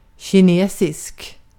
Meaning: Chinese (of, from, or pertaining to China)
- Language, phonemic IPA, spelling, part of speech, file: Swedish, /ɕɪˈneːsɪsk/, kinesisk, adjective, Sv-kinesisk.ogg